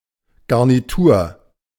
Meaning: 1. set 2. the side dishes in a meal course
- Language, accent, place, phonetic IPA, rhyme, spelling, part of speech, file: German, Germany, Berlin, [ˌɡaʁniˈtuːɐ̯], -uːɐ̯, Garnitur, noun, De-Garnitur.ogg